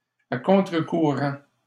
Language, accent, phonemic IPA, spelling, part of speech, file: French, Canada, /a kɔ̃.tʁə.ku.ʁɑ̃/, à contre-courant, adverb, LL-Q150 (fra)-à contre-courant.wav
- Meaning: 1. upstream 2. against the grain (contrary to what is expected.)